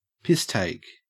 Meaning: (noun) 1. An instance of taking the piss 2. A parody 3. An unpleasant situation that is comparable to a parody; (verb) Alternative form of take the piss
- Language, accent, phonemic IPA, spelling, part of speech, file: English, Australia, /ˈpɪsteɪk/, piss-take, noun / verb, En-au-piss-take.ogg